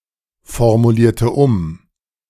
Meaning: inflection of umformulieren: 1. first/third-person singular preterite 2. first/third-person singular subjunctive II
- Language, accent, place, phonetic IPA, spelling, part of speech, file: German, Germany, Berlin, [fɔʁmuˌliːɐ̯tə ˈʊm], formulierte um, verb, De-formulierte um.ogg